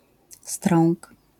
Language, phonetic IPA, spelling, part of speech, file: Polish, [strɔ̃ŋk], strąk, noun, LL-Q809 (pol)-strąk.wav